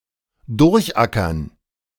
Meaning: to work through (with effort)
- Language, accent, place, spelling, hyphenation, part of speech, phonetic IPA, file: German, Germany, Berlin, durchackern, durch‧ackern, verb, [ˈdʊʁçˌʔakɐn], De-durchackern.ogg